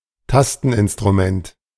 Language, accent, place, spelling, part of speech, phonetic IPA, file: German, Germany, Berlin, Tasteninstrument, noun, [ˈtastn̩ʔɪnstʁuˌmɛnt], De-Tasteninstrument.ogg
- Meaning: keyboard (any musical instrument played by touching)